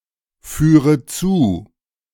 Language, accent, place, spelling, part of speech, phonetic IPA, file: German, Germany, Berlin, führe zu, verb, [ˌfyːʁə ˈt͡suː], De-führe zu.ogg
- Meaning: inflection of zuführen: 1. first-person singular present 2. first/third-person singular subjunctive I 3. singular imperative